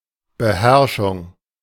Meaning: 1. restraint 2. mastering, mastery
- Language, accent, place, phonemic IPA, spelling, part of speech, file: German, Germany, Berlin, /bəˈhɛʁʃʊŋ/, Beherrschung, noun, De-Beherrschung.ogg